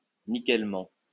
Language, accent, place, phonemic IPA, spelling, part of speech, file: French, France, Lyon, /ni.kɛl.mɑ̃/, nickellement, adverb, LL-Q150 (fra)-nickellement.wav
- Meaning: spotlessly